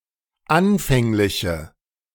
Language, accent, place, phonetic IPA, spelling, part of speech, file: German, Germany, Berlin, [ˈanfɛŋlɪçə], anfängliche, adjective, De-anfängliche.ogg
- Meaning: inflection of anfänglich: 1. strong/mixed nominative/accusative feminine singular 2. strong nominative/accusative plural 3. weak nominative all-gender singular